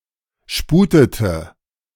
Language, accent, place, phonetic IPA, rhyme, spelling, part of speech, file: German, Germany, Berlin, [ˈʃpuːtətə], -uːtətə, sputete, verb, De-sputete.ogg
- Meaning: inflection of sputen: 1. first/third-person singular preterite 2. first/third-person singular subjunctive II